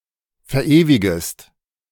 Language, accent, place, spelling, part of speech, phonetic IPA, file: German, Germany, Berlin, verewigest, verb, [fɛɐ̯ˈʔeːvɪɡəst], De-verewigest.ogg
- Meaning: second-person singular subjunctive I of verewigen